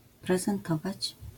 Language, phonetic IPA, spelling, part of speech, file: Polish, [ˌprɛzɛ̃nˈtɔvat͡ɕ], prezentować, verb, LL-Q809 (pol)-prezentować.wav